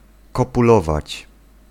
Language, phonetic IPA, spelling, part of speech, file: Polish, [ˌkɔpuˈlɔvat͡ɕ], kopulować, verb, Pl-kopulować.ogg